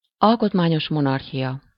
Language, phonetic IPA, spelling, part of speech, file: Hungarian, [ˈɒlkotmaːɲoʃ ˌmonɒrɦijɒ], alkotmányos monarchia, noun, Hu-alkotmányos monarchia.ogg
- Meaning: constitutional monarchy (a monarchy that is limited by laws and a constitution)